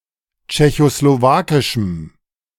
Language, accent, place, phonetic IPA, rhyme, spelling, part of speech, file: German, Germany, Berlin, [t͡ʃɛçosloˈvaːkɪʃm̩], -aːkɪʃm̩, tschechoslowakischem, adjective, De-tschechoslowakischem.ogg
- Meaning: strong dative masculine/neuter singular of tschechoslowakisch